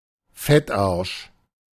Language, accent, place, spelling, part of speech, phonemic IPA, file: German, Germany, Berlin, Fettarsch, noun, /ˈfɛtˌʔarʃ/, De-Fettarsch.ogg
- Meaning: fat-ass, lard-ass